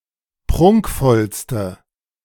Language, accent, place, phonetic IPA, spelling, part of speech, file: German, Germany, Berlin, [ˈpʁʊŋkfɔlstə], prunkvollste, adjective, De-prunkvollste.ogg
- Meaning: inflection of prunkvoll: 1. strong/mixed nominative/accusative feminine singular superlative degree 2. strong nominative/accusative plural superlative degree